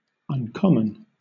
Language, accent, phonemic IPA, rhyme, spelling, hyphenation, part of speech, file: English, Southern England, /ʌnˈkɒmən/, -ɒmən, uncommon, un‧com‧mon, adjective / adverb, LL-Q1860 (eng)-uncommon.wav
- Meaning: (adjective) 1. Rare; not readily found; unusual 2. Remarkable; exceptional; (adverb) Exceedingly, exceptionally